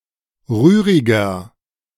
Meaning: 1. comparative degree of rührig 2. inflection of rührig: strong/mixed nominative masculine singular 3. inflection of rührig: strong genitive/dative feminine singular
- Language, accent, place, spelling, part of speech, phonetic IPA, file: German, Germany, Berlin, rühriger, adjective, [ˈʁyːʁɪɡɐ], De-rühriger.ogg